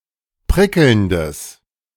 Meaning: strong/mixed nominative/accusative neuter singular of prickelnd
- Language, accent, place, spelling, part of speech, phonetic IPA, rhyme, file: German, Germany, Berlin, prickelndes, adjective, [ˈpʁɪkl̩ndəs], -ɪkl̩ndəs, De-prickelndes.ogg